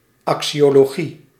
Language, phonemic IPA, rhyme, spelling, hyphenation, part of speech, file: Dutch, /ˌɑk.si.oː.loːˈɣi/, -i, axiologie, axio‧lo‧gie, noun, Nl-axiologie.ogg
- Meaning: 1. axiology 2. an instance of axiology